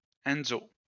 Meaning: a male given name from Italian, popular in the 2000s
- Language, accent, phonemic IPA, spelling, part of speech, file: French, France, /ɛn.zo/, Enzo, proper noun, LL-Q150 (fra)-Enzo.wav